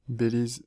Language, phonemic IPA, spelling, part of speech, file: French, /be.liz/, Belize, proper noun, Fr-Belize.ogg
- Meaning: alternative form of Bélize: Belize (an English-speaking country in Central America, formerly called British Honduras)